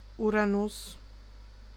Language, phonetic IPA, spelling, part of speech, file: German, [ˈuːʁanʊs], Uranus, noun, De-Uranus.ogg